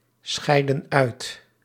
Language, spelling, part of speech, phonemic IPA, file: Dutch, scheiden uit, verb, /ˌsxɛi̯də(n)ˈœy̯t/, Nl-scheiden uit.ogg
- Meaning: inflection of uitscheiden: 1. plural present indicative 2. plural present subjunctive